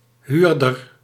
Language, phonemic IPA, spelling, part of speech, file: Dutch, /ˈhyrdər/, huurder, noun, Nl-huurder.ogg
- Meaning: 1. hirer, renter (one who hires something) 2. tenant (of real estate, notably a home or room or apartment)